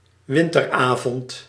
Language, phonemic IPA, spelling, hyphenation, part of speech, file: Dutch, /ˈʋɪn.tərˌaː.vɔnt/, winteravond, win‧ter‧avond, noun, Nl-winteravond.ogg
- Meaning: winter evening